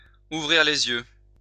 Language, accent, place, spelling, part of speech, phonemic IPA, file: French, France, Lyon, ouvrir les yeux, verb, /u.vʁiʁ le.z‿jø/, LL-Q150 (fra)-ouvrir les yeux.wav
- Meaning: 1. to wake up (to), to wake up and smell the coffee 2. to open (someone's) eyes